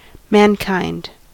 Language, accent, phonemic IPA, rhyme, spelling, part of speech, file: English, US, /mænˈkaɪnd/, -aɪnd, mankind, noun, En-us-mankind.ogg
- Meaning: 1. The human race in its entirety 2. Men collectively, as opposed to all women 3. Human feelings; humanity